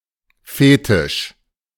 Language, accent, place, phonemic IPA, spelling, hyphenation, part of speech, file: German, Germany, Berlin, /ˈfeːtɪʃ/, Fetisch, Fe‧tisch, noun, De-Fetisch.ogg
- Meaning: fetish